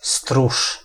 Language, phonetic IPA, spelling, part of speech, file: Polish, [struʃ], stróż, noun, Pl-stróż.ogg